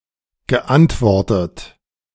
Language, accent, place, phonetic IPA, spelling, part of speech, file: German, Germany, Berlin, [ɡəˈʔantˌvɔʁtət], geantwortet, verb, De-geantwortet.ogg
- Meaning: past participle of antworten